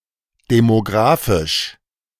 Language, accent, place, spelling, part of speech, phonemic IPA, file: German, Germany, Berlin, demographisch, adjective, /demoˈɡʁaːfɪʃ/, De-demographisch.ogg
- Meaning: demographic